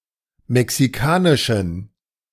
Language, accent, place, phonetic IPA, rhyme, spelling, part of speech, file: German, Germany, Berlin, [mɛksiˈkaːnɪʃn̩], -aːnɪʃn̩, mexikanischen, adjective, De-mexikanischen.ogg
- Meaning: inflection of mexikanisch: 1. strong genitive masculine/neuter singular 2. weak/mixed genitive/dative all-gender singular 3. strong/weak/mixed accusative masculine singular 4. strong dative plural